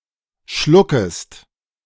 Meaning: second-person singular subjunctive I of schlucken
- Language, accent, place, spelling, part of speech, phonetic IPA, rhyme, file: German, Germany, Berlin, schluckest, verb, [ˈʃlʊkəst], -ʊkəst, De-schluckest.ogg